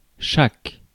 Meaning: 1. each 2. every
- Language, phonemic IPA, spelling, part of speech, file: French, /ʃak/, chaque, adjective, Fr-chaque.ogg